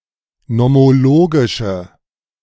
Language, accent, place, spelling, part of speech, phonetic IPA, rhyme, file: German, Germany, Berlin, nomologische, adjective, [nɔmoˈloːɡɪʃə], -oːɡɪʃə, De-nomologische.ogg
- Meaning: inflection of nomologisch: 1. strong/mixed nominative/accusative feminine singular 2. strong nominative/accusative plural 3. weak nominative all-gender singular